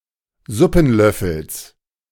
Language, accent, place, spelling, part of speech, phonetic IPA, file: German, Germany, Berlin, Suppenlöffels, noun, [ˈzʊpn̩ˌlœfl̩s], De-Suppenlöffels.ogg
- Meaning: genitive singular of Suppenlöffel